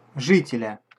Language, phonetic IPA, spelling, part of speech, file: Russian, [ˈʐɨtʲɪlʲə], жителя, noun, Ru-жителя.ogg
- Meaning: genitive/accusative singular of жи́тель (žítelʹ)